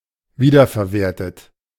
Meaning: past participle of wiederverwerten
- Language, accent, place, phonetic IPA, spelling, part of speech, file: German, Germany, Berlin, [ˈviːdɐfɛɐ̯ˌveːɐ̯tət], wiederverwertet, verb, De-wiederverwertet.ogg